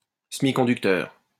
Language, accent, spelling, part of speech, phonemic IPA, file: French, France, semiconducteur, noun / adjective, /sə.mi.kɔ̃.dyk.tœʁ/, LL-Q150 (fra)-semiconducteur.wav
- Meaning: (noun) semiconductor; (adjective) semiconducting